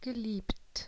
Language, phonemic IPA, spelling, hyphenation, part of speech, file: German, /ɡəˈliːpt/, geliebt, ge‧liebt, verb / adjective, De-geliebt.ogg
- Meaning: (verb) past participle of lieben; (adjective) loved